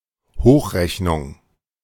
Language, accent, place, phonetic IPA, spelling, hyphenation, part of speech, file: German, Germany, Berlin, [ˈhoːχˌʁɛçnʊŋ], Hochrechnung, Hoch‧rech‧nung, noun, De-Hochrechnung.ogg
- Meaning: 1. projection, forecast 2. extrapolation